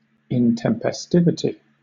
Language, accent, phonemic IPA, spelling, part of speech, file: English, Southern England, /ɪntɛmpɛˈstɪvɪti/, intempestivity, noun, LL-Q1860 (eng)-intempestivity.wav
- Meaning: Unseasonability; untimeliness